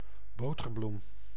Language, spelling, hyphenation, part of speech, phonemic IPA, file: Dutch, boterbloem, bo‧ter‧bloem, noun, /ˈboː.tərˌblum/, Nl-boterbloem.ogg
- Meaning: the wild herb buttercup, a yellow crowfoot species of genus Ranunculus